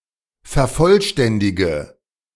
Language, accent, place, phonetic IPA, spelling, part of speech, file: German, Germany, Berlin, [fɛɐ̯ˈfɔlˌʃtɛndɪɡə], vervollständige, verb, De-vervollständige.ogg
- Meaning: inflection of vervollständigen: 1. first-person singular present 2. first/third-person singular subjunctive I 3. singular imperative